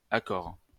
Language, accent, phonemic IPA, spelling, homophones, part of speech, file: French, France, /a.kɔʁ/, accore, accorent / accores, noun / adjective / verb, LL-Q150 (fra)-accore.wav
- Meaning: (noun) shore, prop, strut; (adjective) sheer (very steep); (verb) inflection of accorer: 1. first/third-person singular present indicative/subjunctive 2. second-person singular imperative